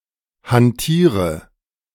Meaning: inflection of hantieren: 1. first-person singular present 2. first/third-person singular subjunctive I 3. singular imperative
- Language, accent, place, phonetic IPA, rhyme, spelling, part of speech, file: German, Germany, Berlin, [hanˈtiːʁə], -iːʁə, hantiere, verb, De-hantiere.ogg